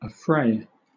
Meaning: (verb) 1. To startle from quiet; to alarm 2. To frighten; to scare; to frighten away; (noun) 1. The act of suddenly disturbing anyone; an assault or attack 2. A tumultuous assault or quarrel
- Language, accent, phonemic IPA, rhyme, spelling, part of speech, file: English, Southern England, /əˈfɹeɪ/, -eɪ, affray, verb / noun, LL-Q1860 (eng)-affray.wav